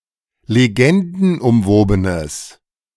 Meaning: strong/mixed nominative/accusative neuter singular of legendenumwoben
- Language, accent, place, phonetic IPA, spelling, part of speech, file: German, Germany, Berlin, [leˈɡɛndn̩ʔʊmˌvoːbənəs], legendenumwobenes, adjective, De-legendenumwobenes.ogg